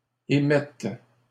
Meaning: first/third-person singular present subjunctive of émettre
- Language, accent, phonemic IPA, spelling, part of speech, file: French, Canada, /e.mɛt/, émette, verb, LL-Q150 (fra)-émette.wav